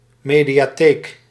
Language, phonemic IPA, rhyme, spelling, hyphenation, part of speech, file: Dutch, /ˌmeː.di.aːˈteːk/, -eːk, mediatheek, me‧dia‧theek, noun, Nl-mediatheek.ogg
- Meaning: a multimedia library, a media library